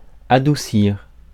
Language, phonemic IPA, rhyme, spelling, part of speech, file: French, /a.du.siʁ/, -iʁ, adoucir, verb, Fr-adoucir.ogg
- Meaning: 1. (of foods, flavors, scents, etc.) to sweeten 2. (of any unpleasant thing) to make (more) agreeable, pleasant, mild, delicate, etc 3. (of something physically rough or coarse) to soften, to smooth